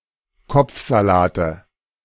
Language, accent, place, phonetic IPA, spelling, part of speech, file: German, Germany, Berlin, [ˈkɔp͡fzaˌlaːtə], Kopfsalate, noun, De-Kopfsalate.ogg
- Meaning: nominative/accusative/genitive plural of Kopfsalat